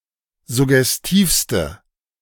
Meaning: inflection of suggestiv: 1. strong/mixed nominative/accusative feminine singular superlative degree 2. strong nominative/accusative plural superlative degree
- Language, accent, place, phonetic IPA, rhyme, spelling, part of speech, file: German, Germany, Berlin, [zʊɡɛsˈtiːfstə], -iːfstə, suggestivste, adjective, De-suggestivste.ogg